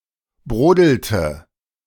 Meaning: inflection of brodeln: 1. first/third-person singular preterite 2. first/third-person singular subjunctive II
- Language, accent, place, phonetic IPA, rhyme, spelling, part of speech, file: German, Germany, Berlin, [ˈbʁoːdl̩tə], -oːdl̩tə, brodelte, verb, De-brodelte.ogg